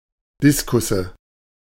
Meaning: nominative/accusative/genitive plural of Diskus
- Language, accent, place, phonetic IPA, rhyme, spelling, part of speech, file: German, Germany, Berlin, [ˈdɪskʊsə], -ɪskʊsə, Diskusse, noun, De-Diskusse.ogg